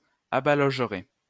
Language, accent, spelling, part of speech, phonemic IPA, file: French, France, abalogerais, verb, /a.ba.lɔʒ.ʁɛ/, LL-Q150 (fra)-abalogerais.wav
- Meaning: first/second-person singular conditional of abaloger